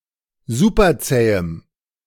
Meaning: strong dative masculine/neuter singular of superzäh
- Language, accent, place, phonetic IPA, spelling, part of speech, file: German, Germany, Berlin, [ˈzupɐˌt͡sɛːəm], superzähem, adjective, De-superzähem.ogg